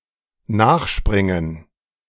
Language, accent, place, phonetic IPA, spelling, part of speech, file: German, Germany, Berlin, [ˈnaːxˌʃpʁɪŋən], nachspringen, verb, De-nachspringen.ogg
- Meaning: 1. to jump in after (someone), to follow (someone) while jumping 2. to run after, to chase after